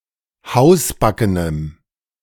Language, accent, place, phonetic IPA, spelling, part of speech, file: German, Germany, Berlin, [ˈhaʊ̯sˌbakənəm], hausbackenem, adjective, De-hausbackenem.ogg
- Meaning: strong dative masculine/neuter singular of hausbacken